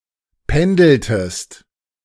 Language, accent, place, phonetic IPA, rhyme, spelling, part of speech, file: German, Germany, Berlin, [ˈpɛndl̩təst], -ɛndl̩təst, pendeltest, verb, De-pendeltest.ogg
- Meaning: inflection of pendeln: 1. second-person singular preterite 2. second-person singular subjunctive II